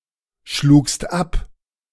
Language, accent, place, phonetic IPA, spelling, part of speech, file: German, Germany, Berlin, [ˌʃluːkst ˈap], schlugst ab, verb, De-schlugst ab.ogg
- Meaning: second-person singular preterite of abschlagen